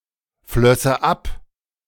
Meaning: first/third-person singular subjunctive II of abfließen
- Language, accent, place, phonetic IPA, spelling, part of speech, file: German, Germany, Berlin, [ˌflœsə ˈap], flösse ab, verb, De-flösse ab.ogg